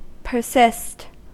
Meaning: 1. To go on stubbornly or resolutely 2. To repeat an utterance 3. To continue to exist 4. To continue to be; to remain 5. To cause to persist; make permanent
- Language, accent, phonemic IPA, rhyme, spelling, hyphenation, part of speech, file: English, US, /pɚˈsɪst/, -ɪst, persist, per‧sist, verb, En-us-persist.ogg